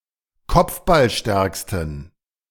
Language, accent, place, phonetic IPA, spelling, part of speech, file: German, Germany, Berlin, [ˈkɔp͡fbalˌʃtɛʁkstn̩], kopfballstärksten, adjective, De-kopfballstärksten.ogg
- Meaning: superlative degree of kopfballstark